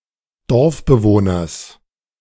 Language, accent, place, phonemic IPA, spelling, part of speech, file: German, Germany, Berlin, /ˈdɔʁfbəˌvoːnɐs/, Dorfbewohners, noun, De-Dorfbewohners.ogg
- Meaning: genitive singular of Dorfbewohner